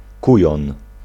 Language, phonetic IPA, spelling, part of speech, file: Polish, [ˈkujɔ̃n], kujon, noun, Pl-kujon.ogg